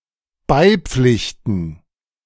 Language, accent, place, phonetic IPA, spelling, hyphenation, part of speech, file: German, Germany, Berlin, [ˈbaɪ̯ˌp͡flɪçtn̩], beipflichten, bei‧pflich‧ten, verb, De-beipflichten.ogg
- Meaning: to concur, to agree with